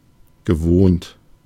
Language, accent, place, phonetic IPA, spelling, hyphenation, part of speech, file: German, Germany, Berlin, [ɡəˈvoːnt], gewohnt, ge‧wohnt, adjective / verb, De-gewohnt.ogg
- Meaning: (adjective) 1. usual, customary, familiar 2. used to, wont, familiar; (verb) past participle of wohnen